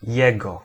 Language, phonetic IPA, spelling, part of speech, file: Polish, [ˈjɛɡɔ], jego, pronoun, Pl-jego.ogg